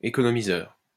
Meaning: economiser
- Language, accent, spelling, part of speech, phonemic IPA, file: French, France, économiseur, noun, /e.kɔ.nɔ.mi.zœʁ/, LL-Q150 (fra)-économiseur.wav